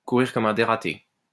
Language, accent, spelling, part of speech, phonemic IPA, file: French, France, courir comme un dératé, verb, /ku.ʁiʁ kɔ.m‿œ̃ de.ʁa.te/, LL-Q150 (fra)-courir comme un dératé.wav
- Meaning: to run like a bat out of hell (to run very fast, especially when unexpectedly)